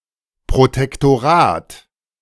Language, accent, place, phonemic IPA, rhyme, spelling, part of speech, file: German, Germany, Berlin, /pʁotɛktoˈʁaːt/, -aːt, Protektorat, noun, De-Protektorat.ogg
- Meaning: protectorate